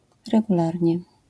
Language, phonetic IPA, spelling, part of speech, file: Polish, [ˌrɛɡuˈlarʲɲɛ], regularnie, adverb, LL-Q809 (pol)-regularnie.wav